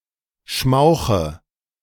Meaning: inflection of schmauchen: 1. first-person singular present 2. first/third-person singular subjunctive I 3. singular imperative
- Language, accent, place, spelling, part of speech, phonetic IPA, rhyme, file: German, Germany, Berlin, schmauche, verb, [ˈʃmaʊ̯xə], -aʊ̯xə, De-schmauche.ogg